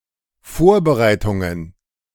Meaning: plural of Vorbereitung
- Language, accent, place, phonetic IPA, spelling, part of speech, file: German, Germany, Berlin, [ˈfoːɐ̯bəˌʁaɪ̯tʊŋən], Vorbereitungen, noun, De-Vorbereitungen.ogg